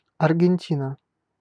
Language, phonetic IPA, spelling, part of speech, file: Russian, [ɐrɡʲɪnʲˈtʲinə], Аргентина, proper noun, Ru-Аргентина.ogg
- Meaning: Argentina (a country in South America)